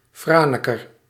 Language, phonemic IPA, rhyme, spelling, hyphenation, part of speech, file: Dutch, /ˈfraː.nə.kər/, -aːnəkər, Franeker, Fra‧ne‧ker, proper noun, Nl-Franeker.ogg
- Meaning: Franeker (a city and former municipality of Waadhoeke, Friesland, Netherlands)